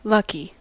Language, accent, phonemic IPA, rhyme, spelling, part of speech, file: English, US, /ˈlʌki/, -ʌki, lucky, adjective / noun, En-us-lucky.ogg
- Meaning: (adjective) 1. Favoured by luck; fortunate; having good success or good fortune 2. Producing, or resulting in, good fortune; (noun) seven